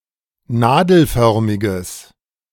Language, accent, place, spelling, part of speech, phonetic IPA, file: German, Germany, Berlin, nadelförmiges, adjective, [ˈnaːdl̩ˌfœʁmɪɡəs], De-nadelförmiges.ogg
- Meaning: strong/mixed nominative/accusative neuter singular of nadelförmig